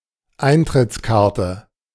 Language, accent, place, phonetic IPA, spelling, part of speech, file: German, Germany, Berlin, [ˈaɪ̯ntʁɪt͡sˌkaʁtə], Eintrittskarte, noun, De-Eintrittskarte.ogg
- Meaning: admission ticket